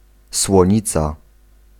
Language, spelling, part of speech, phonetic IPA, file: Polish, słonica, noun, [swɔ̃ˈɲit͡sa], Pl-słonica.ogg